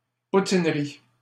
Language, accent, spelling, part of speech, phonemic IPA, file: French, Canada, poutinerie, noun, /pu.tin.ʁi/, LL-Q150 (fra)-poutinerie.wav
- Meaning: a poutinerie